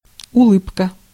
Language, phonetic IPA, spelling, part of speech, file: Russian, [ʊˈɫɨpkə], улыбка, noun, Ru-улыбка.ogg
- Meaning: smile